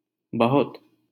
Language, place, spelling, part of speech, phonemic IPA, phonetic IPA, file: Hindi, Delhi, बहुत, adjective / adverb, /bə.ɦʊt̪/, [bɔ.ɦɔt̪], LL-Q1568 (hin)-बहुत.wav
- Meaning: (adjective) 1. many 2. much 3. too much; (adverb) very